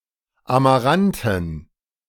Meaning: plural of Amarant
- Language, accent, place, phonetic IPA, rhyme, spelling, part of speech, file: German, Germany, Berlin, [amaˈʁantn̩], -antn̩, Amaranten, noun, De-Amaranten.ogg